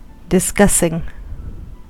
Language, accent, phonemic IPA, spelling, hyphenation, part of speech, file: English, US, /dɪˈskʌsɪŋ/, discussing, dis‧cuss‧ing, verb, En-us-discussing.ogg
- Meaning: present participle and gerund of discuss